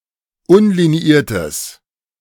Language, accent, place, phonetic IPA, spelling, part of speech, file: German, Germany, Berlin, [ˈʊnliniˌiːɐ̯təs], unliniiertes, adjective, De-unliniiertes.ogg
- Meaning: strong/mixed nominative/accusative neuter singular of unliniiert